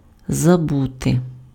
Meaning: to forget
- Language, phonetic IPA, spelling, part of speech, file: Ukrainian, [zɐˈbute], забути, verb, Uk-забути.ogg